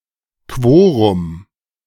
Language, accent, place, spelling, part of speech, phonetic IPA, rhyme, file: German, Germany, Berlin, Quorum, noun, [ˈkvoːʁʊm], -oːʁʊm, De-Quorum.ogg
- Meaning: quorum